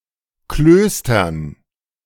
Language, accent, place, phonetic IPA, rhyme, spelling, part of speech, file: German, Germany, Berlin, [ˈkløːstɐn], -øːstɐn, Klöstern, noun, De-Klöstern.ogg
- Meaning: dative plural of Kloster